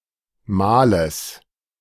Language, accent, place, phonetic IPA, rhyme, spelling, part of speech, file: German, Germany, Berlin, [ˈmaːləs], -aːləs, Males, noun, De-Males.ogg
- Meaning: genitive singular of Mal